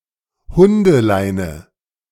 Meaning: leash for dogs
- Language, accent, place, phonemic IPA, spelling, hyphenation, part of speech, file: German, Germany, Berlin, /ˈhʊndəˌlaɪnə/, Hundeleine, Hun‧de‧lei‧ne, noun, De-Hundeleine.ogg